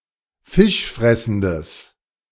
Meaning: strong/mixed nominative/accusative neuter singular of fischfressend
- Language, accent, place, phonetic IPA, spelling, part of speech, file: German, Germany, Berlin, [ˈfɪʃˌfʁɛsn̩dəs], fischfressendes, adjective, De-fischfressendes.ogg